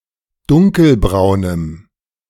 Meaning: strong dative masculine/neuter singular of dunkelbraun
- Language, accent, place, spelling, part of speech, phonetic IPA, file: German, Germany, Berlin, dunkelbraunem, adjective, [ˈdʊŋkəlˌbʁaʊ̯nəm], De-dunkelbraunem.ogg